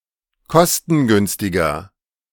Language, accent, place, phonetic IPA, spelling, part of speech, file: German, Germany, Berlin, [ˈkɔstn̩ˌɡʏnstɪɡɐ], kostengünstiger, adjective, De-kostengünstiger.ogg
- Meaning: inflection of kostengünstig: 1. strong/mixed nominative masculine singular 2. strong genitive/dative feminine singular 3. strong genitive plural